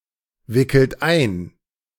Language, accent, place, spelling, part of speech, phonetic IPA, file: German, Germany, Berlin, wickelt ein, verb, [ˌvɪkl̩t ˈaɪ̯n], De-wickelt ein.ogg
- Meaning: inflection of einwickeln: 1. third-person singular present 2. second-person plural present 3. plural imperative